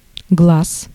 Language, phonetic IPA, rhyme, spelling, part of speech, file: Russian, [ɡɫas], -as, глаз, noun, Ru-глаз.ogg
- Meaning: 1. eye 2. eyesight 3. view, opinion